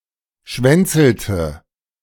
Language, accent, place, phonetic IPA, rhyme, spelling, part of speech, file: German, Germany, Berlin, [ˈʃvɛnt͡sl̩tə], -ɛnt͡sl̩tə, schwänzelte, verb, De-schwänzelte.ogg
- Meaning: inflection of schwänzeln: 1. first/third-person singular preterite 2. first/third-person singular subjunctive II